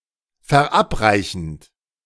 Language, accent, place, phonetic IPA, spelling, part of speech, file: German, Germany, Berlin, [fɛɐ̯ˈʔapˌʁaɪ̯çn̩t], verabreichend, verb, De-verabreichend.ogg
- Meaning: present participle of verabreichen